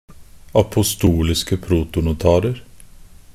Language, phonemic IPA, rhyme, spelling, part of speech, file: Norwegian Bokmål, /apʊˈstuːlɪskə pruːtʊnʊˈtɑːrər/, -ər, apostoliske protonotarer, noun, Nb-apostoliske protonotarer.ogg
- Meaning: indefinite plural of apostolisk protonotar